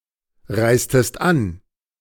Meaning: inflection of anreisen: 1. second-person singular preterite 2. second-person singular subjunctive II
- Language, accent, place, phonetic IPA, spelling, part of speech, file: German, Germany, Berlin, [ˌʁaɪ̯stəst ˈan], reistest an, verb, De-reistest an.ogg